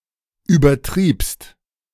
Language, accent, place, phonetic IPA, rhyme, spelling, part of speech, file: German, Germany, Berlin, [ˌyːbɐˈtʁiːpst], -iːpst, übertriebst, verb, De-übertriebst.ogg
- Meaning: second-person singular preterite of übertreiben